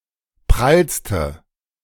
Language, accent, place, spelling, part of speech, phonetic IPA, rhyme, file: German, Germany, Berlin, prallste, adjective, [ˈpʁalstə], -alstə, De-prallste.ogg
- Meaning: inflection of prall: 1. strong/mixed nominative/accusative feminine singular superlative degree 2. strong nominative/accusative plural superlative degree